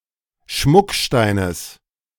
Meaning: genitive singular of Schmuckstein
- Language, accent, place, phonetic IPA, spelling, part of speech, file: German, Germany, Berlin, [ˈʃmʊkˌʃtaɪ̯nəs], Schmucksteines, noun, De-Schmucksteines.ogg